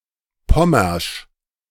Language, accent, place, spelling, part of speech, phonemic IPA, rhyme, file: German, Germany, Berlin, pommersch, adjective, /ˈpɔmɐʃ/, -ɔmɐʃ, De-pommersch.ogg
- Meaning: alternative form of pommerisch